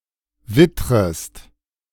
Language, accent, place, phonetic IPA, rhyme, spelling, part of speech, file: German, Germany, Berlin, [ˈvɪtʁəst], -ɪtʁəst, wittrest, verb, De-wittrest.ogg
- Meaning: second-person singular subjunctive I of wittern